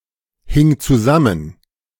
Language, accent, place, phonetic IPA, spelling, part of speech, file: German, Germany, Berlin, [ˌhɪŋ t͡suˈzamən], hing zusammen, verb, De-hing zusammen.ogg
- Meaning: first/third-person singular preterite of zusammenhängen